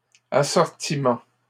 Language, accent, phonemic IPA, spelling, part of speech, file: French, Canada, /a.sɔʁ.ti.mɑ̃/, assortiment, noun, LL-Q150 (fra)-assortiment.wav
- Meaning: 1. assortment 2. product base, product range, product line